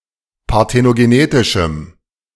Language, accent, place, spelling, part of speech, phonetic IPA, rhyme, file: German, Germany, Berlin, parthenogenetischem, adjective, [paʁtenoɡeˈneːtɪʃm̩], -eːtɪʃm̩, De-parthenogenetischem.ogg
- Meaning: strong dative masculine/neuter singular of parthenogenetisch